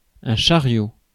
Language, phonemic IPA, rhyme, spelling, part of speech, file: French, /ʃa.ʁjo/, -jo, chariot, noun, Fr-chariot.ogg
- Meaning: 1. A car/carriage or wagon 2. carriage (of a computer printer) 3. shopping cart